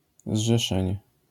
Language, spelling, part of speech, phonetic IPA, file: Polish, zrzeszenie, noun, [zʒɛˈʃɛ̃ɲɛ], LL-Q809 (pol)-zrzeszenie.wav